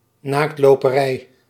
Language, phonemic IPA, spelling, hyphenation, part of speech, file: Dutch, /ˌnaːkt.loː.pəˈrɛi̯/, naaktloperij, naakt‧lo‧pe‧rij, noun, Nl-naaktloperij.ogg
- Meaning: 1. the activity of nudism 2. a movement of XVIth century Anabaptists practicing nudism, mostly based in Amsterdam